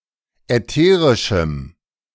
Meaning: strong dative masculine/neuter singular of ätherisch
- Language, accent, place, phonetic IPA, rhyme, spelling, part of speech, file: German, Germany, Berlin, [ɛˈteːʁɪʃm̩], -eːʁɪʃm̩, ätherischem, adjective, De-ätherischem.ogg